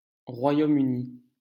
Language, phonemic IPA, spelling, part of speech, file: French, /ʁwa.jo.m‿y.ni/, Royaume-Uni, proper noun, LL-Q150 (fra)-Royaume-Uni.wav
- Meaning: United Kingdom (a kingdom and country in Northern Europe; official name: Royaume-Uni de Grande-Bretagne et d'Irlande du Nord)